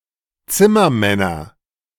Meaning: nominative/accusative/genitive plural of Zimmermann
- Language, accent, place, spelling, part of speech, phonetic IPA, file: German, Germany, Berlin, Zimmermänner, noun, [ˈt͡sɪmɐˌmɛnɐ], De-Zimmermänner.ogg